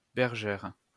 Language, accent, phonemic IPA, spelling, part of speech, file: French, France, /bɛʁ.ʒɛʁ/, bergère, noun, LL-Q150 (fra)-bergère.wav
- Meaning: 1. female equivalent of berger (“shepherdess”) 2. wing chair